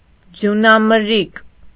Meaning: snowstorm, blizzard
- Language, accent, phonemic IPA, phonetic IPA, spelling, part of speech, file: Armenian, Eastern Armenian, /d͡zjunɑməɾˈɾik/, [d͡zjunɑməɹːík], ձյունամրրիկ, noun, Hy-ձյունամրրիկ.ogg